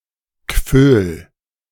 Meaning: a municipality of Lower Austria, Austria
- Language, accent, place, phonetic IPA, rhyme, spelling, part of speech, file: German, Germany, Berlin, [kføːl], -øːl, Gföhl, proper noun, De-Gföhl.ogg